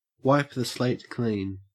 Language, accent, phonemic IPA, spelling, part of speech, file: English, Australia, /ˌwaɪp ðə sleɪt ˈkliːn/, wipe the slate clean, verb, En-au-wipe the slate clean.ogg
- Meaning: To make a fresh start, for example by forgetting about previous differences and disagreements